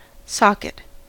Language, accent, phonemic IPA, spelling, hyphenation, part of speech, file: English, US, /ˈsɑkɪt/, socket, sock‧et, noun / verb, En-us-socket.ogg